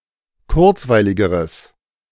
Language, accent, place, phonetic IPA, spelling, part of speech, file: German, Germany, Berlin, [ˈkʊʁt͡svaɪ̯lɪɡəʁəs], kurzweiligeres, adjective, De-kurzweiligeres.ogg
- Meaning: strong/mixed nominative/accusative neuter singular comparative degree of kurzweilig